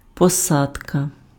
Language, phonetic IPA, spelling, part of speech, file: Ukrainian, [pɔˈsadkɐ], посадка, noun, Uk-посадка.ogg
- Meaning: 1. embarkation, boarding 2. landing, touchdown 3. planting 4. fit